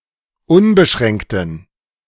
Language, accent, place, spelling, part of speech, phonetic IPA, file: German, Germany, Berlin, unbeschränkten, adjective, [ˈʊnbəˌʃʁɛŋktn̩], De-unbeschränkten.ogg
- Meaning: inflection of unbeschränkt: 1. strong genitive masculine/neuter singular 2. weak/mixed genitive/dative all-gender singular 3. strong/weak/mixed accusative masculine singular 4. strong dative plural